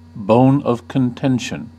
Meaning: Something that continues to be disputed; something on which no agreement can be reached
- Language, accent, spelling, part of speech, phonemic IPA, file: English, US, bone of contention, noun, /ˈboʊn əv kənˈtɛnʃən/, En-us-bone of contention.ogg